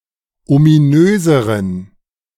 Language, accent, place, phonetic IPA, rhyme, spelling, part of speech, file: German, Germany, Berlin, [omiˈnøːzəʁən], -øːzəʁən, ominöseren, adjective, De-ominöseren.ogg
- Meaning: inflection of ominös: 1. strong genitive masculine/neuter singular comparative degree 2. weak/mixed genitive/dative all-gender singular comparative degree